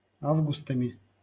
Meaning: instrumental plural of а́вгуст (ávgust)
- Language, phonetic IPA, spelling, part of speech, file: Russian, [ˈavɡʊstəmʲɪ], августами, noun, LL-Q7737 (rus)-августами.wav